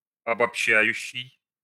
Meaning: present active imperfective participle of обобща́ть (obobščátʹ)
- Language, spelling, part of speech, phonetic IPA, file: Russian, обобщающий, verb, [ɐbɐpˈɕːæjʉɕːɪj], Ru-обобщающий.ogg